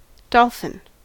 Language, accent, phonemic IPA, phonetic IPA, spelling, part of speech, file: English, US, /ˈdɑlf.ɪn/, [ˈdɑl̥fɪn], dolphin, noun, En-us-dolphin.ogg
- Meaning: A carnivorous cetacean, typically with a beak-like snout, famed for their intelligence and occasional willingness to approach humans